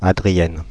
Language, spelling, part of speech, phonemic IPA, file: French, Adrienne, proper noun, /a.dʁi.jɛn/, Fr-Adrienne.ogg
- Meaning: a female given name, masculine equivalent Adrien